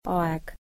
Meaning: time: 1. An endless and unlimited duration with hours, days, years etc. passing 2. An endless and unlimited duration with hours, days, years etc. passing.: timezone; era
- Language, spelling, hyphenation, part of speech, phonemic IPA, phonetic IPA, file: Estonian, aeg, aeg, noun, /ˈɑe̯ɡ̊/, [ˈɑe̯ɡ̊], Et-aeg.ogg